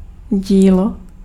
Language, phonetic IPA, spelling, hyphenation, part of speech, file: Czech, [ˈɟiːlo], dílo, dí‧lo, noun, Cs-dílo.ogg
- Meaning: work (literary, artistic, or intellectual production)